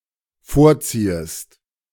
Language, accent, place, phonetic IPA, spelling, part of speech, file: German, Germany, Berlin, [ˈfoːɐ̯ˌt͡siːəst], vorziehest, verb, De-vorziehest.ogg
- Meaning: second-person singular dependent subjunctive I of vorziehen